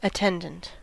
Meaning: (noun) 1. One who attends; one who works with or watches over someone or something 2. A servant or valet
- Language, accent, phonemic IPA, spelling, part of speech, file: English, US, /əˈtɛndənt/, attendant, noun / adjective, En-us-attendant.ogg